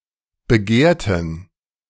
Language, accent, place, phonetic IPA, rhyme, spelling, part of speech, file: German, Germany, Berlin, [bəˈɡeːɐ̯tn̩], -eːɐ̯tn̩, begehrten, adjective, De-begehrten.ogg
- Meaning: inflection of begehrt: 1. strong genitive masculine/neuter singular 2. weak/mixed genitive/dative all-gender singular 3. strong/weak/mixed accusative masculine singular 4. strong dative plural